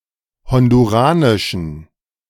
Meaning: inflection of honduranisch: 1. strong genitive masculine/neuter singular 2. weak/mixed genitive/dative all-gender singular 3. strong/weak/mixed accusative masculine singular 4. strong dative plural
- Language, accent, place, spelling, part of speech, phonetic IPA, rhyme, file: German, Germany, Berlin, honduranischen, adjective, [ˌhɔnduˈʁaːnɪʃn̩], -aːnɪʃn̩, De-honduranischen.ogg